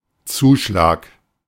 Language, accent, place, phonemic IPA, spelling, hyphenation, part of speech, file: German, Germany, Berlin, /ˈt͡suːˌʃlaːk/, Zuschlag, Zu‧schlag, noun, De-Zuschlag.ogg
- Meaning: 1. surcharge, additional charge, extra fee 2. extra pay, bonus, premium, compensation, supplement (for example for weekend or holiday work)